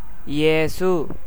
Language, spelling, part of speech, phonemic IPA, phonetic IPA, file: Tamil, இயேசு, proper noun, /ɪjeːtʃɯ/, [ɪjeːsɯ], Ta-இயேசு.ogg
- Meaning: Jesus Christ